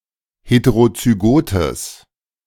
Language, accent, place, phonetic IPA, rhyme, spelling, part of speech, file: German, Germany, Berlin, [ˌheteʁot͡syˈɡoːtəs], -oːtəs, heterozygotes, adjective, De-heterozygotes.ogg
- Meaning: strong/mixed nominative/accusative neuter singular of heterozygot